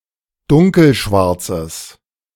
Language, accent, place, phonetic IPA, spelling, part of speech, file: German, Germany, Berlin, [ˈdʊŋkl̩ˌʃvaʁt͡səs], dunkelschwarzes, adjective, De-dunkelschwarzes.ogg
- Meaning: strong/mixed nominative/accusative neuter singular of dunkelschwarz